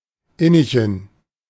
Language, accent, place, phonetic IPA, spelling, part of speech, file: German, Germany, Berlin, [ˈɪnɪçn̩], Innichen, proper noun, De-Innichen.ogg
- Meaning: a municipality of South Tyrol